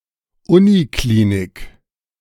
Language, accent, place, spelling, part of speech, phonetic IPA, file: German, Germany, Berlin, Uniklinik, noun, [ˈʊniˌkliːnik], De-Uniklinik.ogg
- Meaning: university clinic